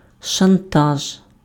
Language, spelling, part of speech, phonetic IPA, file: Ukrainian, шантаж, noun, [ʃɐnˈtaʒ], Uk-шантаж.ogg
- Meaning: blackmail